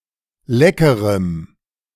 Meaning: strong dative masculine/neuter singular of lecker
- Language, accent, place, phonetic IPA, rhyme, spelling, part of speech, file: German, Germany, Berlin, [ˈlɛkəʁəm], -ɛkəʁəm, leckerem, adjective, De-leckerem.ogg